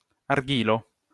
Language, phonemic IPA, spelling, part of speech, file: Esperanto, /arˈɡilo/, argilo, noun, LL-Q143 (epo)-argilo.wav